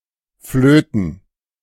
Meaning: 1. to play the flute 2. to speak in a high voice, usually charmingly 3. to whistle 4. to act as referee
- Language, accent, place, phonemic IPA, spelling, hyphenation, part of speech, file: German, Germany, Berlin, /ˈfløːtən/, flöten, flö‧ten, verb, De-flöten.ogg